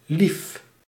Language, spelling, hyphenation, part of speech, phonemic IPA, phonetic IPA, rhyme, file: Dutch, lief, lief, adjective / noun, /lif/, [lif], -if, Nl-lief.ogg
- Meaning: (adjective) 1. nice, sweet, lovely 2. beloved, dear; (noun) one's beloved in a romantic relationship, i.e. a boyfriend or girlfriend